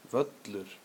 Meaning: 1. field, lawn 2. airfield, airport 3. field, playing field
- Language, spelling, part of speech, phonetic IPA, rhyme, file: Icelandic, völlur, noun, [ˈvœtlʏr], -œtlʏr, Is-völlur.ogg